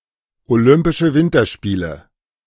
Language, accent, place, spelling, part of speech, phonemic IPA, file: German, Germany, Berlin, Olympische Winterspiele, proper noun, /oˌlʏmpɪʃə ˈvɪntɐʃpiːlə/, De-Olympische Winterspiele.ogg
- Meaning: Olympic Winter Games, Winter Olympics